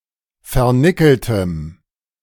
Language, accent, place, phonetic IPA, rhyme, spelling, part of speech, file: German, Germany, Berlin, [fɛɐ̯ˈnɪkl̩təm], -ɪkl̩təm, vernickeltem, adjective, De-vernickeltem.ogg
- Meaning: strong dative masculine/neuter singular of vernickelt